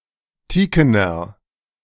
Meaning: inflection of teaken: 1. strong/mixed nominative masculine singular 2. strong genitive/dative feminine singular 3. strong genitive plural
- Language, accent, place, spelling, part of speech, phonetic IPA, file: German, Germany, Berlin, teakener, adjective, [ˈtiːkənɐ], De-teakener.ogg